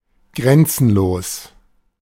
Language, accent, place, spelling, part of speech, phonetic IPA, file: German, Germany, Berlin, grenzenlos, adjective, [ˈɡʁɛnt͡sn̩loːs], De-grenzenlos.ogg
- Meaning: boundless, limitless